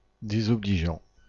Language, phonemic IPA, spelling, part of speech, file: French, /de.zɔ.bli.ʒɑ̃/, désobligeant, verb / adjective, Fr-désobligeant.ogg
- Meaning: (verb) present participle of désobliger; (adjective) derogatory, disparaging